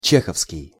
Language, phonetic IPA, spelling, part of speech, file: Russian, [ˈt͡ɕexəfskʲɪj], чеховский, adjective, Ru-чеховский.ogg
- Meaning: Chekhov: related to Anton Pavlovich Chekhov or to settlements named Chekhov